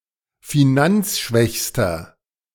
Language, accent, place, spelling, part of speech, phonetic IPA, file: German, Germany, Berlin, finanzschwächster, adjective, [fiˈnant͡sˌʃvɛçstɐ], De-finanzschwächster.ogg
- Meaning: inflection of finanzschwach: 1. strong/mixed nominative masculine singular superlative degree 2. strong genitive/dative feminine singular superlative degree